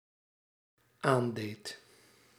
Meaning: singular dependent-clause past indicative of aandoen
- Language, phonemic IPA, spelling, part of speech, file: Dutch, /ˈandet/, aandeed, verb, Nl-aandeed.ogg